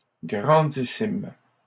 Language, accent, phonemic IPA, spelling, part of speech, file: French, Canada, /ɡʁɑ̃.di.sim/, grandissime, adjective, LL-Q150 (fra)-grandissime.wav
- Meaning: supersized; gigantic